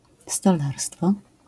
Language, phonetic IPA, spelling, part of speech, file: Polish, [stɔˈlarstfɔ], stolarstwo, noun, LL-Q809 (pol)-stolarstwo.wav